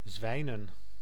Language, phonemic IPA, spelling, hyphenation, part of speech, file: Dutch, /ˈzʋɛi̯.nə(n)/, zwijnen, zwij‧nen, verb / noun, Nl-zwijnen.ogg
- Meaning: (verb) to be lucky; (noun) plural of zwijn